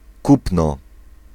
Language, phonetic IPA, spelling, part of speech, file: Polish, [ˈkupnɔ], kupno, noun, Pl-kupno.ogg